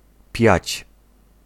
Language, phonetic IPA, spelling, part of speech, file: Polish, [pʲjät͡ɕ], piać, verb, Pl-piać.ogg